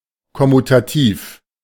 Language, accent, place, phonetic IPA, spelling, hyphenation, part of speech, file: German, Germany, Berlin, [kɔmutaˈtiːf], kommutativ, kom‧mu‧ta‧tiv, adjective, De-kommutativ.ogg
- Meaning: commutative